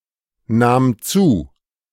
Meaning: first/third-person singular preterite of zunehmen
- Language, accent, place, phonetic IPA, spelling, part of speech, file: German, Germany, Berlin, [ˌnaːm ˈt͡suː], nahm zu, verb, De-nahm zu.ogg